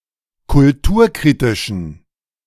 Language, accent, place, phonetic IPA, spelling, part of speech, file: German, Germany, Berlin, [kʊlˈtuːɐ̯ˌkʁiːtɪʃn̩], kulturkritischen, adjective, De-kulturkritischen.ogg
- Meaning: inflection of kulturkritisch: 1. strong genitive masculine/neuter singular 2. weak/mixed genitive/dative all-gender singular 3. strong/weak/mixed accusative masculine singular 4. strong dative plural